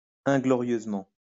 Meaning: ingloriously
- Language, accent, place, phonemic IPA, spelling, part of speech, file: French, France, Lyon, /ɛ̃.ɡlɔ.ʁjøz.mɑ̃/, inglorieusement, adverb, LL-Q150 (fra)-inglorieusement.wav